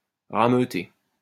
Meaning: to round up
- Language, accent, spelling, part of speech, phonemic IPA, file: French, France, rameuter, verb, /ʁa.mø.te/, LL-Q150 (fra)-rameuter.wav